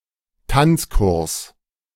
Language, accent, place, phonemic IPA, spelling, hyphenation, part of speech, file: German, Germany, Berlin, /ˈtant͡sˌkʊʁs/, Tanzkurs, Tanz‧kurs, noun, De-Tanzkurs.ogg
- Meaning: dancing class